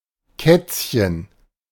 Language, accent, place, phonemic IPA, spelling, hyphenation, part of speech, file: German, Germany, Berlin, /ˈkɛtsçən/, Kätzchen, Kätz‧chen, noun, De-Kätzchen.ogg
- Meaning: 1. diminutive of Katze: kitten; little cat; endearing cat 2. catkin (type of blossom)